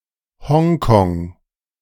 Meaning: Hong Kong (a city, island and special administrative region in southeastern China)
- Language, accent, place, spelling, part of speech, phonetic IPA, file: German, Germany, Berlin, Hongkong, proper noun, [ˈhɔŋkɔŋ], De-Hongkong.ogg